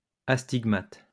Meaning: astigmatic
- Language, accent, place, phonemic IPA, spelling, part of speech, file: French, France, Lyon, /as.tiɡ.mat/, astigmate, adjective, LL-Q150 (fra)-astigmate.wav